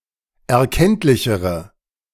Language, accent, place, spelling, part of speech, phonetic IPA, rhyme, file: German, Germany, Berlin, erkenntlichere, adjective, [ɛɐ̯ˈkɛntlɪçəʁə], -ɛntlɪçəʁə, De-erkenntlichere.ogg
- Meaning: inflection of erkenntlich: 1. strong/mixed nominative/accusative feminine singular comparative degree 2. strong nominative/accusative plural comparative degree